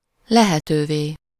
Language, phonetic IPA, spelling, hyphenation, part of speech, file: Hungarian, [ˈlɛhɛtøːveː], lehetővé, le‧he‧tő‧vé, adjective, Hu-lehetővé.ogg
- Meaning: translative singular of lehető